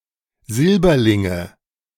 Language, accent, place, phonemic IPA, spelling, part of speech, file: German, Germany, Berlin, /ˈzɪlbɐlɪŋə/, Silberlinge, noun, De-Silberlinge.ogg
- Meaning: nominative/accusative/genitive plural of Silberling